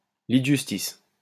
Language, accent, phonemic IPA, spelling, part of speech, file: French, France, /li d(ə) ʒys.tis/, lit de justice, noun, LL-Q150 (fra)-lit de justice.wav
- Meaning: bed of justice (special parliamentary session headed by the king in pre-Revolutionary France, where royal edicts could be forcibly registered)